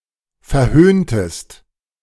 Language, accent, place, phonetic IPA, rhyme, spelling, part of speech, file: German, Germany, Berlin, [fɛɐ̯ˈhøːntəst], -øːntəst, verhöhntest, verb, De-verhöhntest.ogg
- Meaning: inflection of verhöhnen: 1. second-person singular preterite 2. second-person singular subjunctive II